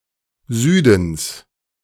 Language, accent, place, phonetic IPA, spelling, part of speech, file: German, Germany, Berlin, [ˈzyːdn̩s], Südens, noun, De-Südens.ogg
- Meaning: genitive singular of Süden